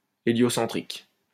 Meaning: heliocentric
- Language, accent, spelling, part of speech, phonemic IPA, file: French, France, héliocentrique, adjective, /e.ljɔ.sɑ̃.tʁik/, LL-Q150 (fra)-héliocentrique.wav